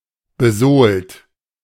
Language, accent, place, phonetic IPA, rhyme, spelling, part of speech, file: German, Germany, Berlin, [bəˈzoːlt], -oːlt, besohlt, verb, De-besohlt.ogg
- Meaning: 1. past participle of besohlen 2. inflection of besohlen: third-person singular present 3. inflection of besohlen: second-person plural present 4. inflection of besohlen: plural imperative